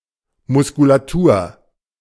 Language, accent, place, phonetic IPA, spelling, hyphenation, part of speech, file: German, Germany, Berlin, [ˌmʊskulaˈtuːɐ̯], Muskulatur, Mus‧ku‧la‧tur, noun, De-Muskulatur.ogg
- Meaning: 1. musculature 2. muscles (collectively)